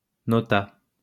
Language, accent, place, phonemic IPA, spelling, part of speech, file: French, France, Lyon, /nɔ.ta/, nota, noun / verb, LL-Q150 (fra)-nota.wav
- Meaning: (noun) note (marginal comment or explanation); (verb) third-person singular past historic of noter